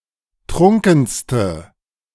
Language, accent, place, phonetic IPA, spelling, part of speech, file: German, Germany, Berlin, [ˈtʁʊŋkn̩stə], trunkenste, adjective, De-trunkenste.ogg
- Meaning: inflection of trunken: 1. strong/mixed nominative/accusative feminine singular superlative degree 2. strong nominative/accusative plural superlative degree